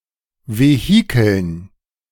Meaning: dative plural of Vehikel
- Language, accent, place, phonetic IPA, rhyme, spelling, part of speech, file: German, Germany, Berlin, [veˈhiːkl̩n], -iːkl̩n, Vehikeln, noun, De-Vehikeln.ogg